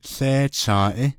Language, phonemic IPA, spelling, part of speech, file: Navajo, /ɬéːt͡ʃʰɑ̃̀ːʔɪ́/, łééchąąʼí, noun, Nv-łééchąąʼí.ogg
- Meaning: dog